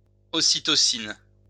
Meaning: oxytocin
- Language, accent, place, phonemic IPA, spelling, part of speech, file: French, France, Lyon, /ɔ.si.tɔ.sin/, ocytocine, noun, LL-Q150 (fra)-ocytocine.wav